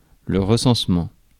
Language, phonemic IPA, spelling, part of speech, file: French, /ʁə.sɑ̃s.mɑ̃/, recensement, noun, Fr-recensement.ogg
- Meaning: 1. census (official count of members of a population) 2. counting, tallying; tally, account (of score or the like)